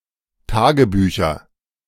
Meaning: nominative/accusative/genitive plural of Tagebuch
- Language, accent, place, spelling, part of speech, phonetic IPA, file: German, Germany, Berlin, Tagebücher, noun, [ˈtaːɡəˌbyːçɐ], De-Tagebücher.ogg